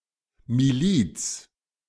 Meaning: 1. militia 2. militsia
- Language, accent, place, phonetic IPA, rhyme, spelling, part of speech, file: German, Germany, Berlin, [miˈliːt͡s], -iːt͡s, Miliz, noun, De-Miliz.ogg